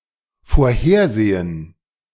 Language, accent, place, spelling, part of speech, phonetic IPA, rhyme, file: German, Germany, Berlin, vorhersehen, verb, [foːɐ̯ˈheːɐ̯ˌzeːən], -eːɐ̯zeːən, De-vorhersehen.ogg
- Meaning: to foresee